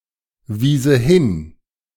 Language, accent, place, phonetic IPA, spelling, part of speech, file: German, Germany, Berlin, [ˌviːzə ˈhɪn], wiese hin, verb, De-wiese hin.ogg
- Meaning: first/third-person singular subjunctive II of hinweisen